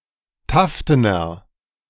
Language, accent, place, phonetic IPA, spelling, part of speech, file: German, Germany, Berlin, [ˈtaftənɐ], taftener, adjective, De-taftener.ogg
- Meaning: inflection of taften: 1. strong/mixed nominative masculine singular 2. strong genitive/dative feminine singular 3. strong genitive plural